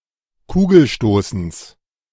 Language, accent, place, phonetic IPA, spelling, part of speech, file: German, Germany, Berlin, [ˈkuːɡl̩ˌʃtoːsn̩s], Kugelstoßens, noun, De-Kugelstoßens.ogg
- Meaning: genitive singular of Kugelstoßen